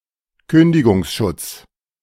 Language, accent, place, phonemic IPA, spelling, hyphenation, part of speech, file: German, Germany, Berlin, /ˈkʏndɪɡʊŋsˌʃʊt͡s/, Kündigungsschutz, Kün‧di‧gungs‧schutz, noun, De-Kündigungsschutz.ogg
- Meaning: protection against dismissal